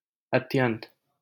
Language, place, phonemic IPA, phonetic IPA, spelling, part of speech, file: Hindi, Delhi, /ət̪.jənt̪/, [ɐt̪.jɐ̃n̪t̪], अत्यन्त, adjective, LL-Q1568 (hin)-अत्यन्त.wav
- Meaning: alternative spelling of अत्यंत (atyant)